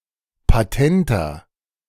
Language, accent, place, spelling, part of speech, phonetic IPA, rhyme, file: German, Germany, Berlin, patenter, adjective, [paˈtɛntɐ], -ɛntɐ, De-patenter.ogg
- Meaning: 1. comparative degree of patent 2. inflection of patent: strong/mixed nominative masculine singular 3. inflection of patent: strong genitive/dative feminine singular